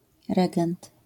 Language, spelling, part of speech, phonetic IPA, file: Polish, regent, noun, [ˈrɛɡɛ̃nt], LL-Q809 (pol)-regent.wav